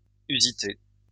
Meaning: in use; current; still used
- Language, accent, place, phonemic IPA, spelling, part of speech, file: French, France, Lyon, /y.zi.te/, usité, adjective, LL-Q150 (fra)-usité.wav